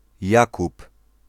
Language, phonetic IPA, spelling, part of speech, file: Polish, [ˈjakup], Jakub, proper noun, Pl-Jakub.ogg